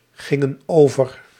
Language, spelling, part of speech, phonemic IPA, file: Dutch, gingen over, verb, /ˈɣɪŋə(n) ˈovər/, Nl-gingen over.ogg
- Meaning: inflection of overgaan: 1. plural past indicative 2. plural past subjunctive